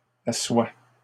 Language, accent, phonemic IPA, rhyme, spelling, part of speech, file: French, Canada, /a.swa/, -a, assois, verb, LL-Q150 (fra)-assois.wav
- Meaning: inflection of asseoir: 1. first/second-person singular present indicative 2. first-person singular present subjunctive